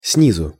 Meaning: from below, underarm
- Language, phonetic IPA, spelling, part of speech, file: Russian, [ˈsnʲizʊ], снизу, adverb, Ru-снизу.ogg